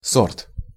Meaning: 1. sort, kind, variety (type, race, category) 2. quality, grade 3. brand 4. cultivar
- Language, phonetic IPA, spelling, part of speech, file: Russian, [sort], сорт, noun, Ru-сорт.ogg